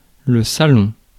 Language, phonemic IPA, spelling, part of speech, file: French, /sa.lɔ̃/, salon, noun, Fr-salon.ogg
- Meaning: 1. living room 2. salon 3. show (exhibition of items), exhibition (large-scale public showing of objects or products)